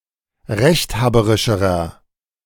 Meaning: inflection of rechthaberisch: 1. strong/mixed nominative masculine singular comparative degree 2. strong genitive/dative feminine singular comparative degree
- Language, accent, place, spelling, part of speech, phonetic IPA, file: German, Germany, Berlin, rechthaberischerer, adjective, [ˈʁɛçtˌhaːbəʁɪʃəʁɐ], De-rechthaberischerer.ogg